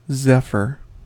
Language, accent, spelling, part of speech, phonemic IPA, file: English, US, zephyr, noun / verb, /ˈzɛfɚ/, En-us-zephyr.ogg
- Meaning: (noun) 1. A light wind from the west 2. Any light refreshing wind; a gentle breeze 3. Anything of fine, soft, or light quality, especially fabric